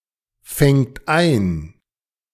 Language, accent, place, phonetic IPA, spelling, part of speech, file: German, Germany, Berlin, [ˌfɛŋt ˈaɪ̯n], fängt ein, verb, De-fängt ein.ogg
- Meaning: third-person singular present of einfangen